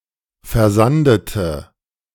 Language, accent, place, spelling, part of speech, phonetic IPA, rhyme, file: German, Germany, Berlin, versandete, adjective / verb, [fɛɐ̯ˈzandətə], -andətə, De-versandete.ogg
- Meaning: inflection of versanden: 1. first/third-person singular preterite 2. first/third-person singular subjunctive II